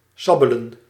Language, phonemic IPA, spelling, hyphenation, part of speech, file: Dutch, /ˈsɑbələ(n)/, sabbelen, sab‧be‧len, verb, Nl-sabbelen.ogg
- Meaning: to suck, suckle